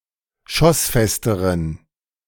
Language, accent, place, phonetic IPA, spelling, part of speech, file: German, Germany, Berlin, [ˈʃɔsˌfɛstəʁən], schossfesteren, adjective, De-schossfesteren.ogg
- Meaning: inflection of schossfest: 1. strong genitive masculine/neuter singular comparative degree 2. weak/mixed genitive/dative all-gender singular comparative degree